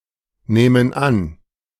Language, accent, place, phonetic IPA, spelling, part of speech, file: German, Germany, Berlin, [ˌnɛːmən ˈan], nähmen an, verb, De-nähmen an.ogg
- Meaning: first/third-person plural subjunctive II of annehmen